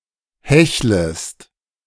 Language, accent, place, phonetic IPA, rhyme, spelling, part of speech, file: German, Germany, Berlin, [ˈhɛçləst], -ɛçləst, hechlest, verb, De-hechlest.ogg
- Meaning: second-person singular subjunctive I of hecheln